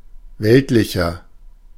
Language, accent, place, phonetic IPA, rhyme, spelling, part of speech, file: German, Germany, Berlin, [ˈvɛltlɪçɐ], -ɛltlɪçɐ, weltlicher, adjective, De-weltlicher.ogg
- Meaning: 1. comparative degree of weltlich 2. inflection of weltlich: strong/mixed nominative masculine singular 3. inflection of weltlich: strong genitive/dative feminine singular